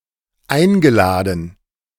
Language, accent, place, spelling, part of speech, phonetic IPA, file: German, Germany, Berlin, eingeladen, verb, [ˈaɪ̯nɡəˌlaːdn̩], De-eingeladen.ogg
- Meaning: past participle of einladen